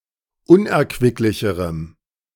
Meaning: strong dative masculine/neuter singular comparative degree of unerquicklich
- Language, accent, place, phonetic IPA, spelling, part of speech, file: German, Germany, Berlin, [ˈʊnʔɛɐ̯kvɪklɪçəʁəm], unerquicklicherem, adjective, De-unerquicklicherem.ogg